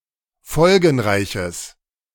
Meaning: strong/mixed nominative/accusative neuter singular of folgenreich
- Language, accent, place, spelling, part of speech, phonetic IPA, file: German, Germany, Berlin, folgenreiches, adjective, [ˈfɔlɡn̩ˌʁaɪ̯çəs], De-folgenreiches.ogg